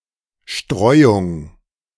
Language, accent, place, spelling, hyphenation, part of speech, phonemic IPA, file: German, Germany, Berlin, Streuung, Streu‧ung, noun, /ˈʃtʁɔɪ̯ʊŋ/, De-Streuung.ogg
- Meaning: 1. scattering 2. dispersion